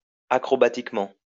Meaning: acrobatically
- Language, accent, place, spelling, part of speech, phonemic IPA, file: French, France, Lyon, acrobatiquement, adverb, /a.kʁɔ.ba.tik.mɑ̃/, LL-Q150 (fra)-acrobatiquement.wav